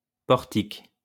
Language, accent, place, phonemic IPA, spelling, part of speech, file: French, France, Lyon, /pɔʁ.tik/, portique, noun, LL-Q150 (fra)-portique.wav
- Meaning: 1. portico 2. gantry 3. a type of crane 4. frame (of a swing, jungle gym etc.) 5. metal detector (at airport etc.)